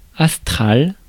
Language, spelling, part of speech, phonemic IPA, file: French, astral, adjective, /as.tʁal/, Fr-astral.ogg
- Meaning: astral